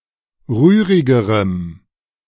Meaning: strong dative masculine/neuter singular comparative degree of rührig
- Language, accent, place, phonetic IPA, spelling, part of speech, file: German, Germany, Berlin, [ˈʁyːʁɪɡəʁəm], rührigerem, adjective, De-rührigerem.ogg